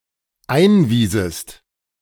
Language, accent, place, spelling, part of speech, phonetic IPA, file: German, Germany, Berlin, einwiesest, verb, [ˈaɪ̯nˌviːzəst], De-einwiesest.ogg
- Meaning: second-person singular dependent subjunctive II of einweisen